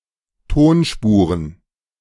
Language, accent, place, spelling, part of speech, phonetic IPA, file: German, Germany, Berlin, Tonspuren, noun, [ˈtoːnˌʃpuːʁən], De-Tonspuren.ogg
- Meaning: plural of Tonspur